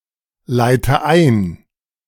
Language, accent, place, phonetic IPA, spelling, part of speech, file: German, Germany, Berlin, [ˌlaɪ̯tə ˈaɪ̯n], leite ein, verb, De-leite ein.ogg
- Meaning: inflection of einleiten: 1. first-person singular present 2. first/third-person singular subjunctive I 3. singular imperative